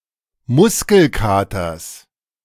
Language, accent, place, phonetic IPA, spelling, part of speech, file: German, Germany, Berlin, [ˈmʊskl̩ˌkaːtɐs], Muskelkaters, noun, De-Muskelkaters.ogg
- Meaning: genitive singular of Muskelkater